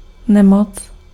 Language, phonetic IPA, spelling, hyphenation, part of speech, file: Czech, [ˈnɛmot͡s], nemoc, ne‧moc, noun, Cs-nemoc.ogg
- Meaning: illness, disease